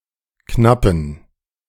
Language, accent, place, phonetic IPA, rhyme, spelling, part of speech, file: German, Germany, Berlin, [ˈknapn̩], -apn̩, knappen, adjective, De-knappen.ogg
- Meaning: inflection of knapp: 1. strong genitive masculine/neuter singular 2. weak/mixed genitive/dative all-gender singular 3. strong/weak/mixed accusative masculine singular 4. strong dative plural